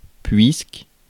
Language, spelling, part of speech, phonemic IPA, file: French, puisque, conjunction, /pɥisk/, Fr-puisque.ogg
- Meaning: since, because